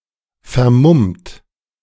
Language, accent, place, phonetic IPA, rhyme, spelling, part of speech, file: German, Germany, Berlin, [fɛɐ̯ˈmʊmt], -ʊmt, vermummt, adjective / verb, De-vermummt.ogg
- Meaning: 1. past participle of vermummen 2. inflection of vermummen: second-person plural present 3. inflection of vermummen: third-person singular present 4. inflection of vermummen: plural imperative